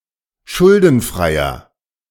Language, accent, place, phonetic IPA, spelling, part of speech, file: German, Germany, Berlin, [ˈʃʊldn̩ˌfʁaɪ̯ɐ], schuldenfreier, adjective, De-schuldenfreier.ogg
- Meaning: inflection of schuldenfrei: 1. strong/mixed nominative masculine singular 2. strong genitive/dative feminine singular 3. strong genitive plural